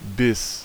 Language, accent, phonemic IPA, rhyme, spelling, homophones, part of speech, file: German, Germany, /bɪs/, -ɪs, bis, Biss, conjunction / preposition, De-bis.ogg
- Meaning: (conjunction) 1. until 2. to; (preposition) 1. until, to, (US) through 2. by 3. to; all the way to